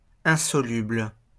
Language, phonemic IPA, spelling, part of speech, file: French, /ɛ̃.sɔ.lybl/, insoluble, adjective, LL-Q150 (fra)-insoluble.wav
- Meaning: insoluble